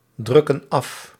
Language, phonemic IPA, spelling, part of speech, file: Dutch, /ˌdrʏkən ˈɑf/, drukken af, verb, Nl-drukken af.ogg
- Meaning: inflection of afdrukken: 1. plural present indicative 2. plural present subjunctive